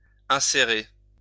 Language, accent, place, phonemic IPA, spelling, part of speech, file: French, France, Lyon, /ɛ̃.se.ʁe/, insérer, verb, LL-Q150 (fra)-insérer.wav
- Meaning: to insert